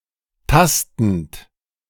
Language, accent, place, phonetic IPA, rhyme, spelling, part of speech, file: German, Germany, Berlin, [ˈtastn̩t], -astn̩t, tastend, verb, De-tastend.ogg
- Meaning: present participle of tasten